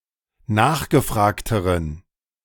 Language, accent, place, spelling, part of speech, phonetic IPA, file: German, Germany, Berlin, nachgefragteren, adjective, [ˈnaːxɡəˌfʁaːktəʁən], De-nachgefragteren.ogg
- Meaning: inflection of nachgefragt: 1. strong genitive masculine/neuter singular comparative degree 2. weak/mixed genitive/dative all-gender singular comparative degree